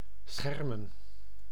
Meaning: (verb) 1. to fence 2. to protect, to shield; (noun) plural of scherm
- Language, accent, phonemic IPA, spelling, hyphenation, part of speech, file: Dutch, Netherlands, /ˈsxɛrmə(n)/, schermen, scher‧men, verb / noun, Nl-schermen.ogg